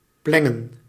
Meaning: 1. to pour, to cause to flow down 2. to libate (to pour on the ground or onto a cultic object as a sacrifice) 3. to spill
- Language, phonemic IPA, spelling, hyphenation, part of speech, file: Dutch, /ˈplɛ.ŋə(n)/, plengen, plen‧gen, verb, Nl-plengen.ogg